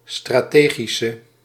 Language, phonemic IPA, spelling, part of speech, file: Dutch, /straˈteɣisə/, strategische, adjective, Nl-strategische.ogg
- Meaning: inflection of strategisch: 1. masculine/feminine singular attributive 2. definite neuter singular attributive 3. plural attributive